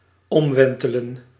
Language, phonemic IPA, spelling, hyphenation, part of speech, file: Dutch, /ˈɔmˌʋɛn.tə.lə(n)/, omwentelen, om‧wen‧te‧len, verb, Nl-omwentelen.ogg
- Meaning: to revolve